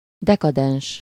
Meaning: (adjective) decadent; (noun) decadent, Decadent (a member of the late 19th-century artistic and literary movement)
- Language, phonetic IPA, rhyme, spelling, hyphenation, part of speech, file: Hungarian, [ˈdɛkɒdɛnʃ], -ɛnʃ, dekadens, de‧ka‧dens, adjective / noun, Hu-dekadens.ogg